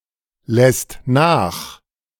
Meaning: second/third-person singular present of nachlassen
- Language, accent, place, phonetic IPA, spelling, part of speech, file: German, Germany, Berlin, [ˌlɛst ˈnaːx], lässt nach, verb, De-lässt nach.ogg